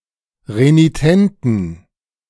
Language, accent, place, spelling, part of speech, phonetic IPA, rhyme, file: German, Germany, Berlin, renitenten, adjective, [ʁeniˈtɛntn̩], -ɛntn̩, De-renitenten.ogg
- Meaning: inflection of renitent: 1. strong genitive masculine/neuter singular 2. weak/mixed genitive/dative all-gender singular 3. strong/weak/mixed accusative masculine singular 4. strong dative plural